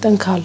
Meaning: to moan, to groan
- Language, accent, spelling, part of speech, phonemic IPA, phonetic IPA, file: Armenian, Eastern Armenian, տնքալ, verb, /tənˈkʰɑl/, [təŋkʰɑ́l], Hy-տնքալ.ogg